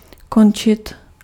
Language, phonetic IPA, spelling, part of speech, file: Czech, [ˈkont͡ʃɪt], končit, verb, Cs-končit.ogg
- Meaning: to end; to finish